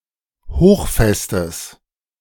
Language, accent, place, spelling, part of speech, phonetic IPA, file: German, Germany, Berlin, hochfestes, adjective, [ˈhoːxˌfɛstəs], De-hochfestes.ogg
- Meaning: strong/mixed nominative/accusative neuter singular of hochfest